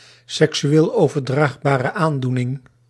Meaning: sexually transmitted disease
- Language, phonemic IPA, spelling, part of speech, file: Dutch, /sɛksyˌeːl oːvərˌdraːxbaːrə ˈaːndunɪŋ/, seksueel overdraagbare aandoening, noun, Nl-seksueel overdraagbare aandoening.ogg